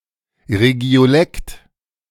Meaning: 1. the supra-dialectal vernacular of a larger region, usually a blend of dialect and standard language 2. any regional dialect
- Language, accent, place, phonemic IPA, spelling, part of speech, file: German, Germany, Berlin, /ˌʁe.ɡi̯oˈlɛkt/, Regiolekt, noun, De-Regiolekt.ogg